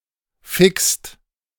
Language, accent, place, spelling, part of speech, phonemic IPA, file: German, Germany, Berlin, fickst, verb, /fɪkst/, De-fickst.ogg
- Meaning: second-person singular present of ficken